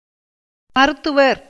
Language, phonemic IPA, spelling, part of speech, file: Tamil, /mɐɾʊt̪ːʊʋɐɾ/, மருத்துவர், noun / proper noun, Ta-மருத்துவர்.ogg
- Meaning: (noun) doctor, physician, medical practitioner; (proper noun) the Aśvins